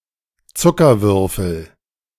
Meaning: sugar cube
- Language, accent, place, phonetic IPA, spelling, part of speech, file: German, Germany, Berlin, [ˈt͡sʊkɐˌvʏʁfl̩], Zuckerwürfel, noun, De-Zuckerwürfel.ogg